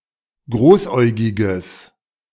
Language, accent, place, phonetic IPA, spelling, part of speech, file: German, Germany, Berlin, [ˈɡʁoːsˌʔɔɪ̯ɡɪɡəs], großäugiges, adjective, De-großäugiges.ogg
- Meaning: strong/mixed nominative/accusative neuter singular of großäugig